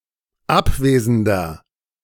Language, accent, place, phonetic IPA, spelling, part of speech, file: German, Germany, Berlin, [ˈapˌveːzəndɐ], abwesender, adjective, De-abwesender.ogg
- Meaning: inflection of abwesend: 1. strong/mixed nominative masculine singular 2. strong genitive/dative feminine singular 3. strong genitive plural